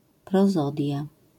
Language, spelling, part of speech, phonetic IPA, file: Polish, prozodia, noun, [prɔˈzɔdʲja], LL-Q809 (pol)-prozodia.wav